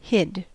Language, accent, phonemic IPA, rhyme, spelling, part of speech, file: English, US, /hɪd/, -ɪd, hid, verb, En-us-hid.ogg
- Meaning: 1. simple past of hide 2. past participle of hide